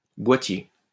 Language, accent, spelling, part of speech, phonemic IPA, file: French, France, boîtier, noun, /bwa.tje/, LL-Q150 (fra)-boîtier.wav
- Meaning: alternative form of boitier